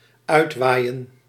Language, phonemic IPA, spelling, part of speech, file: Dutch, /ˈœy̯t.ʋaːi̯.ə(n)/, uitwaaien, verb, Nl-uitwaaien.ogg
- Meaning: to go out in windy weather, particularly into nature or a park, as a means of refreshing oneself and clearing one's mind